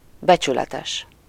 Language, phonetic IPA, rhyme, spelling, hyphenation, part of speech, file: Hungarian, [ˈbɛt͡ʃylɛtɛʃ], -ɛʃ, becsületes, be‧csü‧le‧tes, adjective, Hu-becsületes.ogg
- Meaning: honest